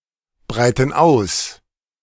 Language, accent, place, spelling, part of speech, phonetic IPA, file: German, Germany, Berlin, breiten aus, verb, [ˌbʁaɪ̯tn̩ ˈaʊ̯s], De-breiten aus.ogg
- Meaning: inflection of ausbreiten: 1. first/third-person plural present 2. first/third-person plural subjunctive I